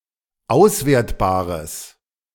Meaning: strong/mixed nominative/accusative neuter singular of auswertbar
- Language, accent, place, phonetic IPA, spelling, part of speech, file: German, Germany, Berlin, [ˈaʊ̯sˌveːɐ̯tbaːʁəs], auswertbares, adjective, De-auswertbares.ogg